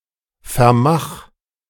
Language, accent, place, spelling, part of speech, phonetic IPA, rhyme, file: German, Germany, Berlin, vermach, verb, [fɛɐ̯ˈmax], -ax, De-vermach.ogg
- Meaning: 1. singular imperative of vermachen 2. first-person singular present of vermachen